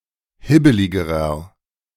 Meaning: inflection of hibbelig: 1. strong/mixed nominative masculine singular comparative degree 2. strong genitive/dative feminine singular comparative degree 3. strong genitive plural comparative degree
- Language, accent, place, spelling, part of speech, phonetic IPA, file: German, Germany, Berlin, hibbeligerer, adjective, [ˈhɪbəlɪɡəʁɐ], De-hibbeligerer.ogg